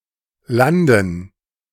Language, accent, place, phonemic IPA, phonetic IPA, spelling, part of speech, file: German, Germany, Berlin, /ˈlandən/, [ˈlandŋ̩], landen, verb, De-landen.ogg
- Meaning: 1. to land (to reach solid ground in an air, water or space vessel) 2. to land (to make an air, water or space vessel reach solid ground) 3. to end up (somewhere)